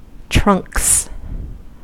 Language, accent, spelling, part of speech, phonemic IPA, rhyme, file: English, US, trunks, noun / verb, /tɹʌŋks/, -ʌŋks, En-us-trunks.ogg
- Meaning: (noun) 1. plural of trunk 2. Shorts or briefs used especially for sports 3. Swimming trunks 4. Trunkhose 5. Trunk briefs 6. Men’s or boys’ boxer shorts or boxer briefs 7. The game of nineholes